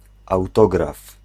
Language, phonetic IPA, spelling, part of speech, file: Polish, [awˈtɔɡraf], autograf, noun, Pl-autograf.ogg